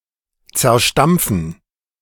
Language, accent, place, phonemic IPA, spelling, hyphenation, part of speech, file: German, Germany, Berlin, /t͡sɛɐ̯ˈʃtamp͡fn̩/, zerstampfen, zer‧stamp‧fen, verb, De-zerstampfen.ogg
- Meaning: 1. to pound, crush 2. to trample on